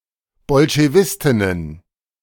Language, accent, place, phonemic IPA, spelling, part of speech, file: German, Germany, Berlin, /bɔlʃeˈvɪstɪnən/, Bolschewistinnen, noun, De-Bolschewistinnen.ogg
- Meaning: plural of Bolschewistin